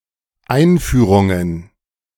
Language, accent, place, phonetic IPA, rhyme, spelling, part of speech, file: German, Germany, Berlin, [ˈaɪ̯nˌfyːʁʊŋən], -aɪ̯nfyːʁʊŋən, Einführungen, noun, De-Einführungen.ogg
- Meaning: plural of Einführung